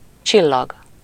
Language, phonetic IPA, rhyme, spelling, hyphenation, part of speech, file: Hungarian, [ˈt͡ʃilːɒɡ], -ɒɡ, csillag, csil‧lag, noun, Hu-csillag.ogg
- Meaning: 1. star (celestial body) 2. star, asterisk (symbol) 3. star (a person or thing held as a positive example; a celebrity) 4. luck